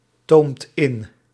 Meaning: inflection of intomen: 1. second/third-person singular present indicative 2. plural imperative
- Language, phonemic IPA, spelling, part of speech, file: Dutch, /ˈtomt ˈɪn/, toomt in, verb, Nl-toomt in.ogg